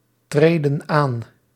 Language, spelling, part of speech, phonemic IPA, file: Dutch, treden aan, verb, /ˈtredə(n) ˈan/, Nl-treden aan.ogg
- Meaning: inflection of aantreden: 1. plural present indicative 2. plural present subjunctive